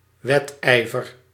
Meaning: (noun) rivalry; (verb) inflection of wedijveren: 1. first-person singular present indicative 2. second-person singular present indicative 3. imperative
- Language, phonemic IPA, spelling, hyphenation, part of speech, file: Dutch, /ˈʋɛtˌɛi̯.vər/, wedijver, wed‧ij‧ver, noun / verb, Nl-wedijver.ogg